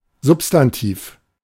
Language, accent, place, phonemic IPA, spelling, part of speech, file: German, Germany, Berlin, /ˈzʊpstantiːf/, Substantiv, noun, De-Substantiv.ogg
- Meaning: noun, substantive